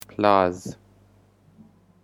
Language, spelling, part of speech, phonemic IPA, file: Pashto, پلاز, noun, /plɑz/, پلاز.ogg
- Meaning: throne